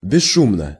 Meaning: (adverb) noiselessly (in a quiet manner); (adjective) short neuter singular of бесшу́мный (besšúmnyj)
- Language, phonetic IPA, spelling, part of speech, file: Russian, [bʲɪˈʂːumnə], бесшумно, adverb / adjective, Ru-бесшумно.ogg